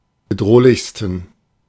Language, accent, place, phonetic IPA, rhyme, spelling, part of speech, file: German, Germany, Berlin, [bəˈdʁoːlɪçstn̩], -oːlɪçstn̩, bedrohlichsten, adjective, De-bedrohlichsten.ogg
- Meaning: 1. superlative degree of bedrohlich 2. inflection of bedrohlich: strong genitive masculine/neuter singular superlative degree